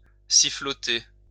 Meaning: to whistle (carelessly)
- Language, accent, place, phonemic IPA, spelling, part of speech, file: French, France, Lyon, /si.flɔ.te/, siffloter, verb, LL-Q150 (fra)-siffloter.wav